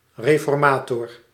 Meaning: 1. a religious reformer, especially one associated with the Reformation or the Tridentine reforms 2. a reformer in non-religious matters
- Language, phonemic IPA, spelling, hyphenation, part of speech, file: Dutch, /ˌreː.fɔrˈmaː.tɔr/, reformator, re‧for‧ma‧tor, noun, Nl-reformator.ogg